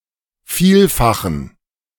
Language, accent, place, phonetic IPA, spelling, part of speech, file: German, Germany, Berlin, [ˈfiːlfaxn̩], Vielfachen, noun, De-Vielfachen.ogg
- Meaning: inflection of Vielfaches: 1. strong genitive singular 2. strong dative plural 3. weak/mixed genitive/dative singular 4. weak/mixed all-case plural